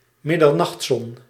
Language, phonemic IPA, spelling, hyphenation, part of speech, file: Dutch, /mɪ.dərˈnɑxtˌsɔn/, middernachtzon, mid‧der‧nacht‧zon, noun, Nl-middernachtzon.ogg
- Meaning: midnight sun